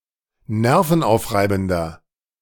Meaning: 1. comparative degree of nervenaufreibend 2. inflection of nervenaufreibend: strong/mixed nominative masculine singular 3. inflection of nervenaufreibend: strong genitive/dative feminine singular
- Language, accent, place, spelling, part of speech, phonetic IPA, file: German, Germany, Berlin, nervenaufreibender, adjective, [ˈnɛʁfn̩ˌʔaʊ̯fʁaɪ̯bn̩dɐ], De-nervenaufreibender.ogg